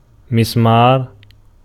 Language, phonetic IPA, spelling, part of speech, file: Arabic, [mʊs.maːr], مسمار, noun, Ar-مسمار.ogg
- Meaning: 1. nail, pin, peg, wedge, bolt, even a screw 2. vine pole 3. forked tentpole 4. as مِسْمَار اللَّحْم (mismār al-llaḥm) or مِسْمَار القَدَم (mismār al-qadam): callus 5. staphyloma